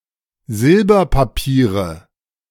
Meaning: nominative/accusative/genitive plural of Silberpapier
- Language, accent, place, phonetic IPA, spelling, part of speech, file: German, Germany, Berlin, [ˈzɪlbɐpaˌpiːʁə], Silberpapiere, noun, De-Silberpapiere.ogg